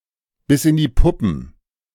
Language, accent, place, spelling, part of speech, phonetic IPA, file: German, Germany, Berlin, bis in die Puppen, prepositional phrase, [bɪs ɪn diː ˈpʊpm̩], De-bis in die Puppen.ogg
- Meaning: until all hours, late into the night